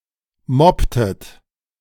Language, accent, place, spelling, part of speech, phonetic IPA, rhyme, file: German, Germany, Berlin, mopptet, verb, [ˈmɔptət], -ɔptət, De-mopptet.ogg
- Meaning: inflection of moppen: 1. second-person plural preterite 2. second-person plural subjunctive II